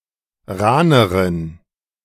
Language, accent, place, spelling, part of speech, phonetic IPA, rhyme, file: German, Germany, Berlin, rahneren, adjective, [ˈʁaːnəʁən], -aːnəʁən, De-rahneren.ogg
- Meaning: inflection of rahn: 1. strong genitive masculine/neuter singular comparative degree 2. weak/mixed genitive/dative all-gender singular comparative degree